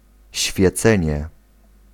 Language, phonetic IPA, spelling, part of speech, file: Polish, [ɕfʲjɛˈt͡sɛ̃ɲɛ], świecenie, noun, Pl-świecenie.ogg